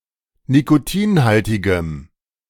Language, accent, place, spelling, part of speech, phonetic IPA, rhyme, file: German, Germany, Berlin, nikotinhaltigem, adjective, [nikoˈtiːnˌhaltɪɡəm], -iːnhaltɪɡəm, De-nikotinhaltigem.ogg
- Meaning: strong dative masculine/neuter singular of nikotinhaltig